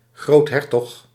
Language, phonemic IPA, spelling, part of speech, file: Dutch, /ˈɣrothɛrtɔx/, groothertog, noun, Nl-groothertog.ogg
- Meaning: grand duke